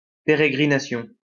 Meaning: peregrination, travel
- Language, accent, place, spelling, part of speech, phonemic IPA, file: French, France, Lyon, pérégrination, noun, /pe.ʁe.ɡʁi.na.sjɔ̃/, LL-Q150 (fra)-pérégrination.wav